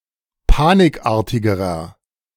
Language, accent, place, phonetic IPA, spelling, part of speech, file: German, Germany, Berlin, [ˈpaːnɪkˌʔaːɐ̯tɪɡəʁɐ], panikartigerer, adjective, De-panikartigerer.ogg
- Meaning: inflection of panikartig: 1. strong/mixed nominative masculine singular comparative degree 2. strong genitive/dative feminine singular comparative degree 3. strong genitive plural comparative degree